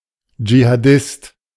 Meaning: jihadist (male or of unspecified gender)
- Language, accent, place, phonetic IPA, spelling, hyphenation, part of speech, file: German, Germany, Berlin, [d͡ʒihaːˈdɪst], Dschihadist, Dschi‧ha‧dist, noun, De-Dschihadist.ogg